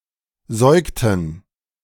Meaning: inflection of säugen: 1. first/third-person plural preterite 2. first/third-person plural subjunctive II
- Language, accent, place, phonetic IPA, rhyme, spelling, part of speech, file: German, Germany, Berlin, [ˈzɔɪ̯ktn̩], -ɔɪ̯ktn̩, säugten, verb, De-säugten.ogg